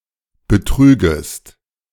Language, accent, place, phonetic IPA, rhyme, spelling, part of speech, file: German, Germany, Berlin, [bəˈtʁyːɡəst], -yːɡəst, betrügest, verb, De-betrügest.ogg
- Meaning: second-person singular subjunctive I of betrügen